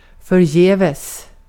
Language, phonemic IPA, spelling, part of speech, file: Swedish, /fœrˈjɛːvɛs/, förgäves, adverb, Sv-förgäves.ogg
- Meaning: in vain, for nothing